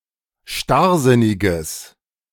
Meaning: strong/mixed nominative/accusative neuter singular of starrsinnig
- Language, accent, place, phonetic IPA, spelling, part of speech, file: German, Germany, Berlin, [ˈʃtaʁˌzɪnɪɡəs], starrsinniges, adjective, De-starrsinniges.ogg